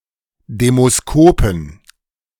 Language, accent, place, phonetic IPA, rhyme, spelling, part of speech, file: German, Germany, Berlin, [demoˈskoːpn̩], -oːpn̩, Demoskopen, noun, De-Demoskopen.ogg
- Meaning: inflection of Demoskop: 1. genitive/dative/accusative singular 2. nominative/genitive/dative/accusative plural